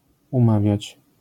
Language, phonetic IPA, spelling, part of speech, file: Polish, [ũˈmavʲjät͡ɕ], umawiać, verb, LL-Q809 (pol)-umawiać.wav